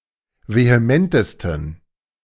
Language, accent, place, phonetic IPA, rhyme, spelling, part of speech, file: German, Germany, Berlin, [veheˈmɛntəstn̩], -ɛntəstn̩, vehementesten, adjective, De-vehementesten.ogg
- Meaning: 1. superlative degree of vehement 2. inflection of vehement: strong genitive masculine/neuter singular superlative degree